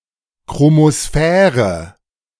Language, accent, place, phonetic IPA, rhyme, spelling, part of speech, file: German, Germany, Berlin, [kʁomoˈsfɛːʁə], -ɛːʁə, Chromosphäre, noun, De-Chromosphäre.ogg
- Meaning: chromosphere